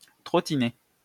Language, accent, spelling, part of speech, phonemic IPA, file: French, France, trottiner, verb, /tʁɔ.ti.ne/, LL-Q150 (fra)-trottiner.wav
- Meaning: to trot, to amble